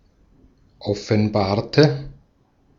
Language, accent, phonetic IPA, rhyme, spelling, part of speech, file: German, Austria, [ɔfn̩ˈbaːɐ̯tə], -aːɐ̯tə, offenbarte, adjective / verb, De-at-offenbarte.ogg
- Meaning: inflection of offenbaren: 1. first/third-person singular preterite 2. first/third-person singular subjunctive II